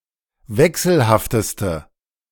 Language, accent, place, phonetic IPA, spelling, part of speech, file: German, Germany, Berlin, [ˈvɛksl̩haftəstə], wechselhafteste, adjective, De-wechselhafteste.ogg
- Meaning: inflection of wechselhaft: 1. strong/mixed nominative/accusative feminine singular superlative degree 2. strong nominative/accusative plural superlative degree